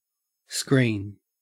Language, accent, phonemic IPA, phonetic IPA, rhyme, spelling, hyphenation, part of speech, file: English, Australia, /ˈskɹiːn/, [ˈskɹ̈ʷɪi̯n], -iːn, screen, screen, noun / verb, En-au-screen.ogg
- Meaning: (noun) A physical barrier that shelters or hides.: A physical divider intended to block an area from view, or provide shelter from something dangerous